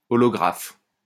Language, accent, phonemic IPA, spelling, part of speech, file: French, France, /ɔ.lɔ.ɡʁaf/, olographe, adjective / noun, LL-Q150 (fra)-olographe.wav
- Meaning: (adjective) holographic; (noun) holograph